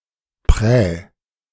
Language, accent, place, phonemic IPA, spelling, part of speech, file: German, Germany, Berlin, /pʁɛː/, Prä, noun, De-Prä.ogg
- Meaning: priority, advantage